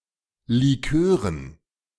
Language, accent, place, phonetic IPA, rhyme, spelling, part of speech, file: German, Germany, Berlin, [liˈkøːʁən], -øːʁən, Likören, noun, De-Likören.ogg
- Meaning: dative plural of Likör